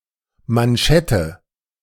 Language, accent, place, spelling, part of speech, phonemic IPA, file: German, Germany, Berlin, Manschette, noun, /manˈʃɛtə/, De-Manschette.ogg
- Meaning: 1. cuff 2. sleeve (mechanical covering or lining)